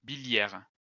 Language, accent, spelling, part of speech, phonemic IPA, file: French, France, biliaire, adjective, /bi.ljɛʁ/, LL-Q150 (fra)-biliaire.wav
- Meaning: biliary